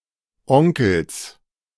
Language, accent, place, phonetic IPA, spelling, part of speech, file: German, Germany, Berlin, [ˈɔŋkl̩s], Onkels, noun, De-Onkels.ogg
- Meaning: genitive singular of Onkel